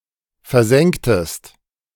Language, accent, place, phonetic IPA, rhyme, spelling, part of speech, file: German, Germany, Berlin, [fɛɐ̯ˈzɛŋktəst], -ɛŋktəst, versenktest, verb, De-versenktest.ogg
- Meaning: inflection of versenken: 1. second-person singular preterite 2. second-person singular subjunctive II